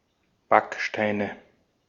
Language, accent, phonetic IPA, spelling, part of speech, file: German, Austria, [ˈbakʃtaɪ̯nə], Backsteine, noun, De-at-Backsteine.ogg
- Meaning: nominative/accusative/genitive plural of Backstein